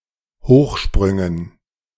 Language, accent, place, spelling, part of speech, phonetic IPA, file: German, Germany, Berlin, Hochsprüngen, noun, [ˈhoːxˌʃpʁʏŋən], De-Hochsprüngen.ogg
- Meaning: dative plural of Hochsprung